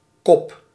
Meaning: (noun) 1. cup (for drinking) 2. head 3. a (male) human 4. head of a nail, pin etc 5. front, lead, e.g. in a race; charge, control 6. heading (of a text), headline 7. heads (side of a coin)
- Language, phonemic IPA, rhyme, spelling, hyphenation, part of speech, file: Dutch, /kɔp/, -ɔp, kop, kop, noun / verb, Nl-kop.ogg